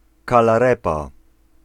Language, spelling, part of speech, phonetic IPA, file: Polish, kalarepa, noun, [ˌkalaˈrɛpa], Pl-kalarepa.ogg